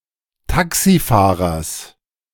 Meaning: genitive singular of Taxifahrer
- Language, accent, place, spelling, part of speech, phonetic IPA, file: German, Germany, Berlin, Taxifahrers, noun, [ˈtaksiˌfaːʁɐs], De-Taxifahrers.ogg